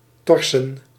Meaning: to carry or bear with difficulty
- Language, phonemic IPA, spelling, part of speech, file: Dutch, /ˈtɔr.sə(n)/, torsen, verb, Nl-torsen.ogg